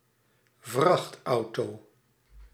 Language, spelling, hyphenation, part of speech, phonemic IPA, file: Dutch, vrachtauto, vracht‧au‧to, noun, /ˡvrɑxtɑuto/, Nl-vrachtauto.ogg
- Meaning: truck (US), lorry (UK) (a cargo truck, not a passenger truck (bus))